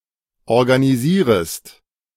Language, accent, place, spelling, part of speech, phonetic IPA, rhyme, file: German, Germany, Berlin, organisierest, verb, [ɔʁɡaniˈziːʁəst], -iːʁəst, De-organisierest.ogg
- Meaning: second-person singular subjunctive I of organisieren